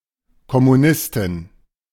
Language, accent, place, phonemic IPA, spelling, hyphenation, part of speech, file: German, Germany, Berlin, /kɔmuˈnɪstɪn/, Kommunistin, Kom‧mu‧nis‧tin, noun, De-Kommunistin.ogg
- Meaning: communist / Communist (female) (person who follows a communist or Marxist-Leninist philosophy)